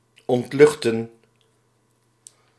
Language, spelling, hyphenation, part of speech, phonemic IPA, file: Dutch, ontluchten, ont‧luch‧ten, verb, /ˌɔntˈlʏx.tə(n)/, Nl-ontluchten.ogg
- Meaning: to deaerate, to remove air